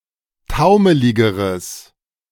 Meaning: strong/mixed nominative/accusative neuter singular comparative degree of taumelig
- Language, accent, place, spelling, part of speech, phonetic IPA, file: German, Germany, Berlin, taumeligeres, adjective, [ˈtaʊ̯məlɪɡəʁəs], De-taumeligeres.ogg